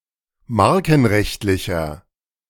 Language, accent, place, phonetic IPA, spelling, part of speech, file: German, Germany, Berlin, [ˈmaʁkn̩ˌʁɛçtlɪçɐ], markenrechtlicher, adjective, De-markenrechtlicher.ogg
- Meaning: inflection of markenrechtlich: 1. strong/mixed nominative masculine singular 2. strong genitive/dative feminine singular 3. strong genitive plural